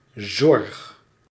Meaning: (noun) 1. care 2. concern; worry 3. healthcare, healthcare sector, healthcare services; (verb) inflection of zorgen: first-person singular present indicative
- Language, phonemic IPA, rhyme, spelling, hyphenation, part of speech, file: Dutch, /zɔrx/, -ɔrx, zorg, zorg, noun / verb, Nl-zorg.ogg